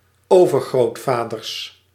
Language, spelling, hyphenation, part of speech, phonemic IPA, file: Dutch, overgrootvaders, over‧groot‧va‧ders, noun, /ˈoː.vər.ɣroːtˌvaː.dərs/, Nl-overgrootvaders.ogg
- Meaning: plural of overgrootvader